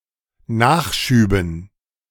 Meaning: dative plural of Nachschub
- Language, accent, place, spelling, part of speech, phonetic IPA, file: German, Germany, Berlin, Nachschüben, noun, [ˈnaːxˌʃyːbn̩], De-Nachschüben.ogg